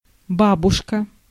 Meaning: 1. grandmother, grandma, granny 2. old lady 3. Gandhi's breakfast, eighty in the lotto game
- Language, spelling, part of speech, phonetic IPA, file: Russian, бабушка, noun, [ˈbabʊʂkə], Ru-бабушка.ogg